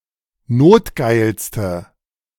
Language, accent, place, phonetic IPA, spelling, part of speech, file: German, Germany, Berlin, [ˈnoːtˌɡaɪ̯lstə], notgeilste, adjective, De-notgeilste.ogg
- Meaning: inflection of notgeil: 1. strong/mixed nominative/accusative feminine singular superlative degree 2. strong nominative/accusative plural superlative degree